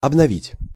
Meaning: 1. to renovate, to refresh, to repair, to make as good as new 2. to renew, to update 3. to use/try out for the first time, to give a first trial, (clothes) to wear for the first time
- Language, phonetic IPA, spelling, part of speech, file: Russian, [ɐbnɐˈvʲitʲ], обновить, verb, Ru-обновить.ogg